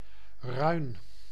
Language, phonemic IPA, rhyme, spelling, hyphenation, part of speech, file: Dutch, /rœy̯n/, -œy̯n, ruin, ruin, noun, Nl-ruin.ogg
- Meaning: gelding (castrated male horse)